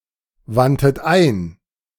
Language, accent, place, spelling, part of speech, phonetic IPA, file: German, Germany, Berlin, wandtet ein, verb, [ˌvantət ˈaɪ̯n], De-wandtet ein.ogg
- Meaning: 1. first-person plural preterite of einwenden 2. third-person plural preterite of einwenden# second-person plural preterite of einwenden